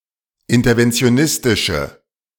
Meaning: inflection of interventionistisch: 1. strong/mixed nominative/accusative feminine singular 2. strong nominative/accusative plural 3. weak nominative all-gender singular
- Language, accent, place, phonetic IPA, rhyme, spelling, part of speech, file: German, Germany, Berlin, [ˌɪntɐvɛnt͡si̯oˈnɪstɪʃə], -ɪstɪʃə, interventionistische, adjective, De-interventionistische.ogg